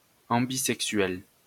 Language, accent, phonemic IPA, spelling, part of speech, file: French, France, /ɑ̃.bi.zɛk.sɥɛl/, ambisexuel, adjective, LL-Q150 (fra)-ambisexuel.wav
- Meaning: ambisexual